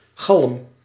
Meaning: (noun) 1. echo, reverberation 2. backtalk; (verb) inflection of galmen: 1. first-person singular present indicative 2. second-person singular present indicative 3. imperative
- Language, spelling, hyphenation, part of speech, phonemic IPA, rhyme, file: Dutch, galm, galm, noun / verb, /ɣɑlm/, -ɑlm, Nl-galm.ogg